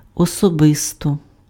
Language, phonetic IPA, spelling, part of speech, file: Ukrainian, [ɔsɔˈbɪstɔ], особисто, adverb, Uk-особисто.ogg
- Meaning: 1. personally 2. in person